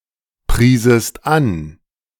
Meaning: second-person singular subjunctive II of anpreisen
- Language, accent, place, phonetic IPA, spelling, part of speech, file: German, Germany, Berlin, [ˌpʁiːzəst ˈan], priesest an, verb, De-priesest an.ogg